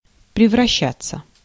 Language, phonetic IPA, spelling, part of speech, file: Russian, [prʲɪvrɐˈɕːat͡sːə], превращаться, verb, Ru-превращаться.ogg
- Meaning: 1. to turn into, to change into (intransitive) 2. passive of превраща́ть (prevraščátʹ)